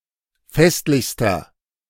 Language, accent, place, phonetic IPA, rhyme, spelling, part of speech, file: German, Germany, Berlin, [ˈfɛstlɪçstɐ], -ɛstlɪçstɐ, festlichster, adjective, De-festlichster.ogg
- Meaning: inflection of festlich: 1. strong/mixed nominative masculine singular superlative degree 2. strong genitive/dative feminine singular superlative degree 3. strong genitive plural superlative degree